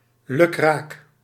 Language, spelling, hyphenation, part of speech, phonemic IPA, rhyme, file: Dutch, lukraak, lu‧kraak, adverb / adjective, /lyˈkraːk/, -aːk, Nl-lukraak.ogg
- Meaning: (adverb) haphazardly, at random, hit or miss, indiscriminately, without proper planning; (adjective) 1. random, indiscriminate, haphazard, without proper planning 2. uncertain, dubious